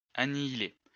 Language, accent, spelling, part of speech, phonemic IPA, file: French, France, annihiler, verb, /a.ni.i.le/, LL-Q150 (fra)-annihiler.wav
- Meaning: to annihilate (to reduce to nothing, to destroy, to eradicate)